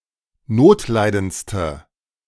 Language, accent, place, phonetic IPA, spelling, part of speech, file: German, Germany, Berlin, [ˈnoːtˌlaɪ̯dənt͡stə], notleidendste, adjective, De-notleidendste.ogg
- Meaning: inflection of notleidend: 1. strong/mixed nominative/accusative feminine singular superlative degree 2. strong nominative/accusative plural superlative degree